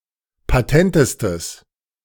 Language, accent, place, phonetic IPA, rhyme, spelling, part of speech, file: German, Germany, Berlin, [paˈtɛntəstəs], -ɛntəstəs, patentestes, adjective, De-patentestes.ogg
- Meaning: strong/mixed nominative/accusative neuter singular superlative degree of patent